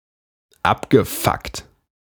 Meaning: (verb) past participle of abfucken; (adjective) fucked-up
- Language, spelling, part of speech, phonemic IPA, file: German, abgefuckt, verb / adjective, /ˈapɡəˌfakt/, De-abgefuckt.ogg